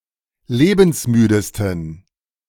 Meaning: 1. superlative degree of lebensmüde 2. inflection of lebensmüde: strong genitive masculine/neuter singular superlative degree
- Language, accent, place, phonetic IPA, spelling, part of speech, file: German, Germany, Berlin, [ˈleːbn̩sˌmyːdəstn̩], lebensmüdesten, adjective, De-lebensmüdesten.ogg